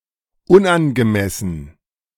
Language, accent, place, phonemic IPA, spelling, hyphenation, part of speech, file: German, Germany, Berlin, /ˈʊnʔanɡəˌmɛsn̩/, unangemessen, un‧an‧ge‧mes‧sen, adjective, De-unangemessen.ogg
- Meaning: inappropriate, inadequate, undue